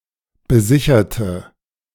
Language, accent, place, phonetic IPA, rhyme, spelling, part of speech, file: German, Germany, Berlin, [bəˈzɪçɐtə], -ɪçɐtə, besicherte, adjective / verb, De-besicherte.ogg
- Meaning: inflection of besichern: 1. first/third-person singular preterite 2. first/third-person singular subjunctive II